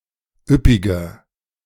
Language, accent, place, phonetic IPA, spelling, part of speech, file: German, Germany, Berlin, [ˈʏpɪɡɐ], üppiger, adjective, De-üppiger.ogg
- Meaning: 1. comparative degree of üppig 2. inflection of üppig: strong/mixed nominative masculine singular 3. inflection of üppig: strong genitive/dative feminine singular